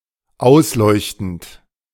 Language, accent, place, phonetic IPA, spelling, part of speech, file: German, Germany, Berlin, [ˈaʊ̯sˌlɔɪ̯çtn̩t], ausleuchtend, verb, De-ausleuchtend.ogg
- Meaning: present participle of ausleuchten